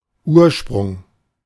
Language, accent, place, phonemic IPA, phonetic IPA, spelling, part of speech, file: German, Germany, Berlin, /ˈuːrʃprʊŋ/, [ˈʔuːɐ̯ʃpʁʊŋ], Ursprung, noun, De-Ursprung.ogg
- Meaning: origin